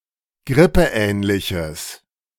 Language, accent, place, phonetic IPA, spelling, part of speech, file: German, Germany, Berlin, [ˈɡʁɪpəˌʔɛːnlɪçəs], grippeähnliches, adjective, De-grippeähnliches.ogg
- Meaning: strong/mixed nominative/accusative neuter singular of grippeähnlich